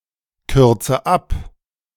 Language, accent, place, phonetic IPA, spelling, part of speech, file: German, Germany, Berlin, [ˌkʏʁt͡sə ˈap], kürze ab, verb, De-kürze ab.ogg
- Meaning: inflection of abkürzen: 1. first-person singular present 2. first/third-person singular subjunctive I 3. singular imperative